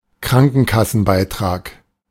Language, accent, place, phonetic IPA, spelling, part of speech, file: German, Germany, Berlin, [ˈkʁaŋkn̩kasn̩ˌbaɪ̯tʁaːk], Krankenkassenbeitrag, noun, De-Krankenkassenbeitrag.ogg
- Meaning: health insurance premium (money paid, usually monthly, for health insurance)